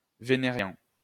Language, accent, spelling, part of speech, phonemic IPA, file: French, France, vénérien, adjective, /ve.ne.ʁjɛ̃/, LL-Q150 (fra)-vénérien.wav
- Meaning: venereal